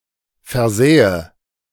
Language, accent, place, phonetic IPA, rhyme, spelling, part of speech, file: German, Germany, Berlin, [fɛɐ̯ˈzɛːə], -ɛːə, versähe, verb, De-versähe.ogg
- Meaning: first/third-person singular subjunctive II of versehen